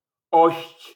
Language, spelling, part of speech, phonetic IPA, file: Polish, -ość, suffix, [ɔɕt͡ɕ], LL-Q809 (pol)--ość.wav